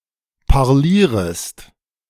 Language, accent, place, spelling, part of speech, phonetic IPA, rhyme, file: German, Germany, Berlin, parlierest, verb, [paʁˈliːʁəst], -iːʁəst, De-parlierest.ogg
- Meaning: second-person singular subjunctive I of parlieren